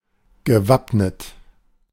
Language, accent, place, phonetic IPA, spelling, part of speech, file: German, Germany, Berlin, [ɡəˈvapnət], gewappnet, verb, De-gewappnet.ogg
- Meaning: past participle of wappnen: prepared, (dated) armed